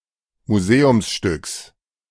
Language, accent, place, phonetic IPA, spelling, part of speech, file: German, Germany, Berlin, [muˈzeːʊmsˌʃtʏks], Museumsstücks, noun, De-Museumsstücks.ogg
- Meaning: genitive singular of Museumsstück